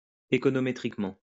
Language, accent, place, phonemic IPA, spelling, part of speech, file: French, France, Lyon, /e.kɔ.nɔ.me.tʁik.mɑ̃/, économétriquement, adverb, LL-Q150 (fra)-économétriquement.wav
- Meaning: econometrically